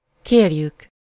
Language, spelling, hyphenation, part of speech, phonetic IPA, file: Hungarian, kérjük, kér‧jük, verb, [ˈkeːrjyk], Hu-kérjük.ogg
- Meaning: 1. first-person plural indicative present definite of kér 2. first-person plural subjunctive present definite of kér